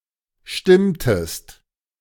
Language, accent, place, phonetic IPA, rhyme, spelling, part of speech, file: German, Germany, Berlin, [ˈʃtɪmtəst], -ɪmtəst, stimmtest, verb, De-stimmtest.ogg
- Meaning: inflection of stimmen: 1. second-person singular preterite 2. second-person singular subjunctive II